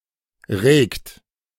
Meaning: inflection of regen: 1. third-person singular present 2. second-person plural present 3. plural imperative
- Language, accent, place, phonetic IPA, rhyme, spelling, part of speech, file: German, Germany, Berlin, [ʁeːkt], -eːkt, regt, verb, De-regt.ogg